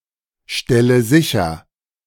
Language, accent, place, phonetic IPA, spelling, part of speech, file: German, Germany, Berlin, [ˌʃtɛlə ˈzɪçɐ], stelle sicher, verb, De-stelle sicher.ogg
- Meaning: inflection of sicherstellen: 1. first-person singular present 2. first/third-person singular subjunctive I 3. singular imperative